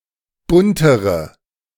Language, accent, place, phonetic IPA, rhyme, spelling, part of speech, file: German, Germany, Berlin, [ˈbʊntəʁə], -ʊntəʁə, buntere, adjective, De-buntere.ogg
- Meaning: inflection of bunt: 1. strong/mixed nominative/accusative feminine singular comparative degree 2. strong nominative/accusative plural comparative degree